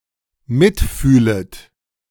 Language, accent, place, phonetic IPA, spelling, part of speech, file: German, Germany, Berlin, [ˈmɪtˌfyːlət], mitfühlet, verb, De-mitfühlet.ogg
- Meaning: second-person plural dependent subjunctive I of mitfühlen